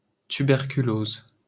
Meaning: tuberculosis (The infectious disease)
- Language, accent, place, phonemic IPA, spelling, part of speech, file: French, France, Paris, /ty.bɛʁ.ky.loz/, tuberculose, noun, LL-Q150 (fra)-tuberculose.wav